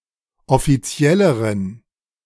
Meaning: inflection of offiziell: 1. strong genitive masculine/neuter singular comparative degree 2. weak/mixed genitive/dative all-gender singular comparative degree
- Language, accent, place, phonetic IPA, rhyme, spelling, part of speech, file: German, Germany, Berlin, [ɔfiˈt͡si̯ɛləʁən], -ɛləʁən, offizielleren, adjective, De-offizielleren.ogg